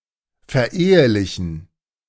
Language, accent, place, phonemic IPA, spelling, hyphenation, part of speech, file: German, Germany, Berlin, /fɛɐ̯ˈʔeːəlɪçn̩/, verehelichen, ver‧ehe‧li‧chen, verb, De-verehelichen.ogg
- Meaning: to marry